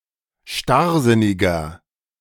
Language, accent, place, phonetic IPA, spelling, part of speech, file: German, Germany, Berlin, [ˈʃtaʁˌzɪnɪɡɐ], starrsinniger, adjective, De-starrsinniger.ogg
- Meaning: 1. comparative degree of starrsinnig 2. inflection of starrsinnig: strong/mixed nominative masculine singular 3. inflection of starrsinnig: strong genitive/dative feminine singular